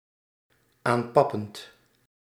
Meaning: present participle of aanpappen
- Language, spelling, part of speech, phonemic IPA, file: Dutch, aanpappend, verb, /ˈampɑpənt/, Nl-aanpappend.ogg